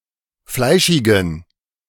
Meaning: inflection of fleischig: 1. strong genitive masculine/neuter singular 2. weak/mixed genitive/dative all-gender singular 3. strong/weak/mixed accusative masculine singular 4. strong dative plural
- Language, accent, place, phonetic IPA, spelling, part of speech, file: German, Germany, Berlin, [ˈflaɪ̯ʃɪɡn̩], fleischigen, adjective, De-fleischigen.ogg